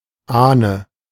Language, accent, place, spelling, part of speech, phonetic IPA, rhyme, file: German, Germany, Berlin, Ahne, noun, [ˈaːnə], -aːnə, De-Ahne.ogg
- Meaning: 1. female ancestor 2. grandmother 3. forefather (of male or unspecified sex)